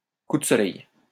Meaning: sunburn
- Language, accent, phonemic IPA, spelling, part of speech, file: French, France, /ku d(ə) sɔ.lɛj/, coup de soleil, noun, LL-Q150 (fra)-coup de soleil.wav